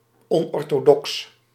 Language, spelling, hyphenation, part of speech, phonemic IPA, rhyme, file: Dutch, onorthodox, on‧or‧tho‧dox, adjective, /ˌɔn.ɔr.toːˈdɔks/, -ɔks, Nl-onorthodox.ogg
- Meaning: unorthodox, unconventional (outside of the box, thinking outside of the box)